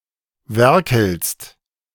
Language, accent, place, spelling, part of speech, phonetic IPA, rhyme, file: German, Germany, Berlin, werkelst, verb, [ˈvɛʁkl̩st], -ɛʁkl̩st, De-werkelst.ogg
- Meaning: second-person singular present of werkeln